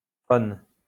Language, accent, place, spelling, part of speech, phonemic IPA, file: French, France, Lyon, -phone, suffix, /fɔn/, LL-Q150 (fra)--phone.wav
- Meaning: 1. forming adjectives: -phone (speaking a specific language) 2. forming nouns: -phone (speaker of a specific language) 3. forming nouns: -phone (something that makes a sound e.g. saxophone)